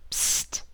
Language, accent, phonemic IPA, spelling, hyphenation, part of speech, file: English, US, /psː(t)/, psst, psst, interjection / verb, En-us-psst.ogg
- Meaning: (interjection) 1. Used to call animals 2. Used to request silence 3. Used to imply that the speaker is sending secret or whispered information to another person 4. Imitating a spray